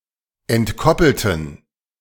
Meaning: inflection of entkoppelt: 1. strong genitive masculine/neuter singular 2. weak/mixed genitive/dative all-gender singular 3. strong/weak/mixed accusative masculine singular 4. strong dative plural
- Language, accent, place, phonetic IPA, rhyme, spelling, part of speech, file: German, Germany, Berlin, [ɛntˈkɔpl̩tn̩], -ɔpl̩tn̩, entkoppelten, adjective / verb, De-entkoppelten.ogg